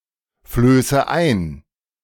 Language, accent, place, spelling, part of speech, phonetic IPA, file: German, Germany, Berlin, flöße ein, verb, [ˌfløːsə ˈaɪ̯n], De-flöße ein.ogg
- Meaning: inflection of einflößen: 1. first-person singular present 2. first/third-person singular subjunctive I 3. singular imperative